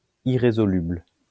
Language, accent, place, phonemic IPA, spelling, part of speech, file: French, France, Lyon, /i.ʁe.zɔ.lybl/, irrésoluble, adjective, LL-Q150 (fra)-irrésoluble.wav
- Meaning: irresolvable